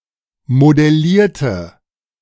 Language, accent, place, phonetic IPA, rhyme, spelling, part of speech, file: German, Germany, Berlin, [modɛˈliːɐ̯tə], -iːɐ̯tə, modellierte, adjective / verb, De-modellierte.ogg
- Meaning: inflection of modellieren: 1. first/third-person singular preterite 2. first/third-person singular subjunctive II